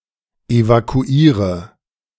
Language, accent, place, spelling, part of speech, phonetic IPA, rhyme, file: German, Germany, Berlin, evakuiere, verb, [evakuˈiːʁə], -iːʁə, De-evakuiere.ogg
- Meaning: inflection of evakuieren: 1. first-person singular present 2. singular imperative 3. first/third-person singular subjunctive I